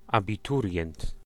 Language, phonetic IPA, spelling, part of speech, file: Polish, [ˌabʲiˈturʲjɛ̃nt], abiturient, noun, Pl-abiturient.ogg